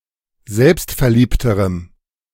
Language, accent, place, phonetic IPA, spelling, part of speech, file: German, Germany, Berlin, [ˈzɛlpstfɛɐ̯ˌliːptəʁəm], selbstverliebterem, adjective, De-selbstverliebterem.ogg
- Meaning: strong dative masculine/neuter singular comparative degree of selbstverliebt